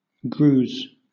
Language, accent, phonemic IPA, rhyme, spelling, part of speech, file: English, Southern England, /ˈɡɹuːz/, -uːz, grues, verb / noun, LL-Q1860 (eng)-grues.wav
- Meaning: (verb) third-person singular simple present indicative of grue; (noun) plural of grue